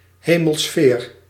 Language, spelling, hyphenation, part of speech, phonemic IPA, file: Dutch, hemelsfeer, he‧mel‧sfeer, noun, /ˈɦeː.məlˌsfeːr/, Nl-hemelsfeer.ogg
- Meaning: 1. sphere of heaven, celestial sphere, a spherical layer of which the supralunar sky was thought to be composed 2. heaven